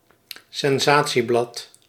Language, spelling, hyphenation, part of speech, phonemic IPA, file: Dutch, sensatieblad, sen‧sa‧tie‧blad, noun, /sɛnˈzaː.(t)siˌblɑt/, Nl-sensatieblad.ogg
- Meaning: tabloid